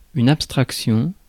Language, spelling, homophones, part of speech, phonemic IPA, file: French, abstraction, abstractions, noun, /ap.stʁak.sjɔ̃/, Fr-abstraction.ogg
- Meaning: abstraction